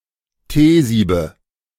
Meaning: nominative/accusative/genitive plural of Teesieb
- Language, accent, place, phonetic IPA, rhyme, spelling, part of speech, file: German, Germany, Berlin, [ˈteːˌziːbə], -eːziːbə, Teesiebe, noun, De-Teesiebe.ogg